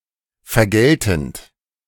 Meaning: present participle of vergelten
- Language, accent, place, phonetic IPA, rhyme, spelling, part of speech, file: German, Germany, Berlin, [fɛɐ̯ˈɡɛltn̩t], -ɛltn̩t, vergeltend, verb, De-vergeltend.ogg